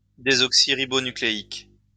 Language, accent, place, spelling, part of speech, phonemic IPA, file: French, France, Lyon, désoxyribonucléique, adjective, /de.zɔk.si.ʁi.bɔ.ny.kle.ik/, LL-Q150 (fra)-désoxyribonucléique.wav
- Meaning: deoxyribonucleic